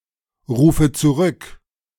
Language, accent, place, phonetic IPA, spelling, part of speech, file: German, Germany, Berlin, [ˌʁuːfə t͡suˈʁʏk], rufe zurück, verb, De-rufe zurück.ogg
- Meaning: inflection of zurückrufen: 1. first-person singular present 2. first/third-person singular subjunctive I 3. singular imperative